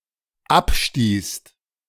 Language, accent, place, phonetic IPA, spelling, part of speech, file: German, Germany, Berlin, [ˈapˌʃtiːst], abstießt, verb, De-abstießt.ogg
- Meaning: second-person singular/plural dependent preterite of abstoßen